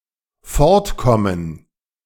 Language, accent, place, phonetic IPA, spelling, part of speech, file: German, Germany, Berlin, [ˈfɔɐ̯tkɔmən], fortkommen, verb, De-fortkommen.ogg
- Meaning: 1. to get away 2. to progress